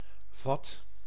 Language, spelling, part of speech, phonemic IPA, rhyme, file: Dutch, vat, noun / verb, /vɑt/, -ɑt, Nl-vat.ogg
- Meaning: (noun) 1. barrel, tank 2. vessel 3. grip, both literal and figurative; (verb) inflection of vatten: 1. first/second/third-person singular present indicative 2. imperative